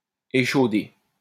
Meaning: past participle of échauder
- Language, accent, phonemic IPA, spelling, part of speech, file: French, France, /e.ʃo.de/, échaudé, verb, LL-Q150 (fra)-échaudé.wav